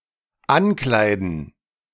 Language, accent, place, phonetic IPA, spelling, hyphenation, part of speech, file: German, Germany, Berlin, [ˈanˌklaɪ̯dn̩], ankleiden, an‧klei‧den, verb, De-ankleiden.ogg
- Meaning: to dress